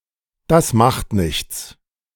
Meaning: never mind, it doesn't matter (it is not important)
- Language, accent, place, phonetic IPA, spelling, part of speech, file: German, Germany, Berlin, [das ˈmaxt ˌnɪçts], das macht nichts, phrase, De-das macht nichts.ogg